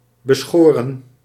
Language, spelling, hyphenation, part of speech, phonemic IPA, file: Dutch, beschoren, be‧scho‧ren, adjective, /bəˈsxoː.rə(n)/, Nl-beschoren.ogg
- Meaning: allotted, granted